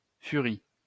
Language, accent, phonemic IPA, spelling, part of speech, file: French, France, /fy.ʁi/, furie, noun, LL-Q150 (fra)-furie.wav
- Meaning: 1. Fury 2. a raging or belligerent woman 3. fury, anger, rage 4. furiousness